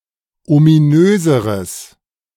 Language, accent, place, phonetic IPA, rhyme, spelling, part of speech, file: German, Germany, Berlin, [omiˈnøːzəʁəs], -øːzəʁəs, ominöseres, adjective, De-ominöseres.ogg
- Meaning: strong/mixed nominative/accusative neuter singular comparative degree of ominös